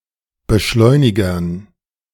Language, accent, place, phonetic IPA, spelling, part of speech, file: German, Germany, Berlin, [bəˈʃlɔɪ̯nɪɡɐn], Beschleunigern, noun, De-Beschleunigern.ogg
- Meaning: dative plural of Beschleuniger